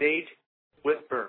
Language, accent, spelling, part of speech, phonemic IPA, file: English, US, stage whisper, noun / verb, /ˈsteɪdʒ ˈwɪs.pɚ/, En-us-stage whisper.ogg
- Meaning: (noun) 1. A line that is performed on stage as if it were whispered, but is spoken loud enough for the audience to hear 2. Any loud whisper intended to be overheard; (verb) To perform a stage whisper